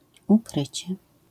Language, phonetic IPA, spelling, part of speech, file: Polish, [uˈkrɨt͡ɕɛ], ukrycie, noun, LL-Q809 (pol)-ukrycie.wav